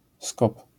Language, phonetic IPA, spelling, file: Polish, [skɔp], -skop, LL-Q809 (pol)--skop.wav